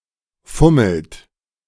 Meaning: inflection of fummeln: 1. third-person singular present 2. second-person plural present 3. plural imperative
- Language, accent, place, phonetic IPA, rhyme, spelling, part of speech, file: German, Germany, Berlin, [ˈfʊml̩t], -ʊml̩t, fummelt, verb, De-fummelt.ogg